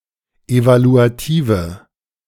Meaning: inflection of evaluativ: 1. strong/mixed nominative/accusative feminine singular 2. strong nominative/accusative plural 3. weak nominative all-gender singular
- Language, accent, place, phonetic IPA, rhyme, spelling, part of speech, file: German, Germany, Berlin, [ˌevaluaˈtiːvə], -iːvə, evaluative, adjective, De-evaluative.ogg